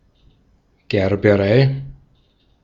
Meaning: tannery
- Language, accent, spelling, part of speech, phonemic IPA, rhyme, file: German, Austria, Gerberei, noun, /ɡɛʁbəˈʁaɪ̯/, -aɪ̯, De-at-Gerberei.ogg